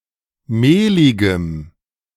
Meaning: strong dative masculine/neuter singular of mehlig
- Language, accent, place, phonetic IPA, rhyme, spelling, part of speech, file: German, Germany, Berlin, [ˈmeːlɪɡəm], -eːlɪɡəm, mehligem, adjective, De-mehligem.ogg